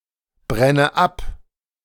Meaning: inflection of abbrennen: 1. first-person singular present 2. first/third-person singular subjunctive I 3. singular imperative
- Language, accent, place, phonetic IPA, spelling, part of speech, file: German, Germany, Berlin, [ˌbʁɛnə ˈap], brenne ab, verb, De-brenne ab.ogg